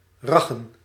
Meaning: 1. to move back and forth repeatedly wildly; to wipe, swing or brush wildly 2. to drive recklessly and aggressively 3. to fuck
- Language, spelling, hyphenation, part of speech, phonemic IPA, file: Dutch, raggen, rag‧gen, verb, /ˈrɑ.ɣə(n)/, Nl-raggen.ogg